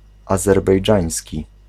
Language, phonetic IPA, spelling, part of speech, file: Polish, [ˌazɛrbɛjˈd͡ʒãj̃sʲci], azerbejdżański, adjective, Pl-azerbejdżański.ogg